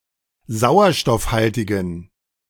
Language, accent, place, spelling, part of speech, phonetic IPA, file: German, Germany, Berlin, sauerstoffhaltigen, adjective, [ˈzaʊ̯ɐʃtɔfˌhaltɪɡn̩], De-sauerstoffhaltigen.ogg
- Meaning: inflection of sauerstoffhaltig: 1. strong genitive masculine/neuter singular 2. weak/mixed genitive/dative all-gender singular 3. strong/weak/mixed accusative masculine singular